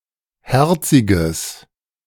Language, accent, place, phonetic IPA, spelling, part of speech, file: German, Germany, Berlin, [ˈhɛʁt͡sɪɡəs], herziges, adjective, De-herziges.ogg
- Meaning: strong/mixed nominative/accusative neuter singular of herzig